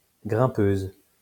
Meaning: female equivalent of grimpeur
- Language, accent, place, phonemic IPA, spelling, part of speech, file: French, France, Lyon, /ɡʁɛ̃.pøz/, grimpeuse, noun, LL-Q150 (fra)-grimpeuse.wav